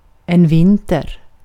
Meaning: winter
- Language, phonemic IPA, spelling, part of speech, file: Swedish, /ˈvɪntɛr/, vinter, noun, Sv-vinter.ogg